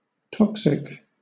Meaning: Having a chemical nature that is harmful to health or lethal if consumed or otherwise entering into the body in sufficient quantities
- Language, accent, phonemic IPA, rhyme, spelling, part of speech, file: English, Southern England, /ˈtɒk.sɪk/, -ɒksɪk, toxic, adjective, LL-Q1860 (eng)-toxic.wav